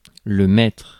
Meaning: 1. master 2. Military rank in the Navy, usually equivalent to the rank of sergent-chef in the Army, or petty officer first class in the United States Navy 3. leader 4. teacher (in a primary school)
- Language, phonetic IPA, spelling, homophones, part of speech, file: French, [maɛ̯tʁ], maître, maîtres / mètre / mètres / mettre, noun, Fr-maître.ogg